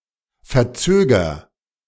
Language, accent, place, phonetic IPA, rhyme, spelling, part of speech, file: German, Germany, Berlin, [fɛɐ̯ˈt͡søːɡɐ], -øːɡɐ, verzöger, verb, De-verzöger.ogg
- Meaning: inflection of verzögern: 1. first-person singular present 2. singular imperative